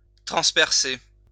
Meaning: to pierce, to impale
- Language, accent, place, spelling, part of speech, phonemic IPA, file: French, France, Lyon, transpercer, verb, /tʁɑ̃s.pɛʁ.se/, LL-Q150 (fra)-transpercer.wav